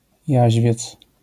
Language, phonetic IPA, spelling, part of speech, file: Polish, [ˈjäʑvʲjɛt͡s], jaźwiec, noun, LL-Q809 (pol)-jaźwiec.wav